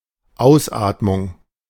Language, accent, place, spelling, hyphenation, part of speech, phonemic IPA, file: German, Germany, Berlin, Ausatmung, Aus‧at‧mung, noun, /ˈaʊ̯sˌ.aːtmʊŋ/, De-Ausatmung.ogg
- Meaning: expiration, exhalation (act or process of breathing out)